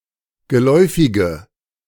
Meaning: inflection of geläufig: 1. strong/mixed nominative/accusative feminine singular 2. strong nominative/accusative plural 3. weak nominative all-gender singular
- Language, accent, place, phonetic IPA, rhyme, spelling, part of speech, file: German, Germany, Berlin, [ɡəˈlɔɪ̯fɪɡə], -ɔɪ̯fɪɡə, geläufige, adjective, De-geläufige.ogg